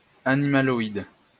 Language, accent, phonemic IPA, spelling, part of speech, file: French, France, /a.ni.ma.lɔ.id/, animaloïde, adjective, LL-Q150 (fra)-animaloïde.wav
- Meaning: animaloid